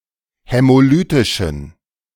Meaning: inflection of hämolytisch: 1. strong genitive masculine/neuter singular 2. weak/mixed genitive/dative all-gender singular 3. strong/weak/mixed accusative masculine singular 4. strong dative plural
- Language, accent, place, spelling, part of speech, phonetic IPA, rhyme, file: German, Germany, Berlin, hämolytischen, adjective, [hɛmoˈlyːtɪʃn̩], -yːtɪʃn̩, De-hämolytischen.ogg